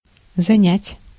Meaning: 1. to borrow 2. to lend (standard: одолжи́ть) 3. to occupy, to take up 4. to employ, to busy 5. to reserve, to secure, to keep 6. to interest, to engross
- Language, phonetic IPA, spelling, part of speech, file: Russian, [zɐˈnʲætʲ], занять, verb, Ru-занять.ogg